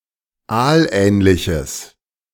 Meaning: strong/mixed nominative/accusative neuter singular of aalähnlich
- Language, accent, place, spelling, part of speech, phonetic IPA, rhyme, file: German, Germany, Berlin, aalähnliches, adjective, [ˈaːlˌʔɛːnlɪçəs], -aːlʔɛːnlɪçəs, De-aalähnliches.ogg